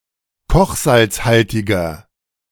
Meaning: inflection of kochsalzhaltig: 1. strong/mixed nominative masculine singular 2. strong genitive/dative feminine singular 3. strong genitive plural
- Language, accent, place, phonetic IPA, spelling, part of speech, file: German, Germany, Berlin, [ˈkɔxzalt͡sˌhaltɪɡɐ], kochsalzhaltiger, adjective, De-kochsalzhaltiger.ogg